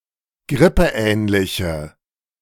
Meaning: inflection of grippeähnlich: 1. strong/mixed nominative/accusative feminine singular 2. strong nominative/accusative plural 3. weak nominative all-gender singular
- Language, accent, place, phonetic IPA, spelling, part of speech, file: German, Germany, Berlin, [ˈɡʁɪpəˌʔɛːnlɪçə], grippeähnliche, adjective, De-grippeähnliche.ogg